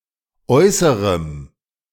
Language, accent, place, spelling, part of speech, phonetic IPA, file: German, Germany, Berlin, äußerem, adjective, [ˈɔɪ̯səʁəm], De-äußerem.ogg
- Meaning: strong dative masculine/neuter singular of äußere